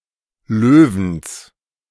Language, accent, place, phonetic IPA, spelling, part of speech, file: German, Germany, Berlin, [ˈløːvn̩s], Löwens, noun, De-Löwens.ogg
- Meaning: genitive of Löwen